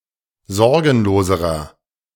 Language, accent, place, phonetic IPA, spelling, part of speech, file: German, Germany, Berlin, [ˈzɔʁɡn̩loːzəʁɐ], sorgenloserer, adjective, De-sorgenloserer.ogg
- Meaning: inflection of sorgenlos: 1. strong/mixed nominative masculine singular comparative degree 2. strong genitive/dative feminine singular comparative degree 3. strong genitive plural comparative degree